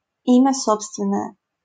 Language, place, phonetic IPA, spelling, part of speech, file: Russian, Saint Petersburg, [ˈimʲə ˈsopstvʲɪn(ː)əjə], имя собственное, noun, LL-Q7737 (rus)-имя собственное.wav
- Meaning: proper noun